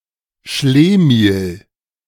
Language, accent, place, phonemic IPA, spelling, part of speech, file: German, Germany, Berlin, /ˈʃleːmiːl/, Schlemihl, noun, De-Schlemihl.ogg
- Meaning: schlemiel